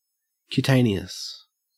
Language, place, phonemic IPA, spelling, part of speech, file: English, Queensland, /kjʉːˈtæɪniəs/, cutaneous, adjective, En-au-cutaneous.ogg
- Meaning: Of, relating to, existing on, or affecting the exterior skin, especially the cutis